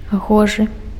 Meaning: 1. fit, suitable, proper 2. beautiful
- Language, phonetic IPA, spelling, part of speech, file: Belarusian, [ˈɣoʐɨ], гожы, adjective, Be-гожы.ogg